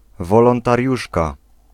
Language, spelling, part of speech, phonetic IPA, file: Polish, wolontariuszka, noun, [ˌvɔlɔ̃ntarʲˈjuʃka], Pl-wolontariuszka.ogg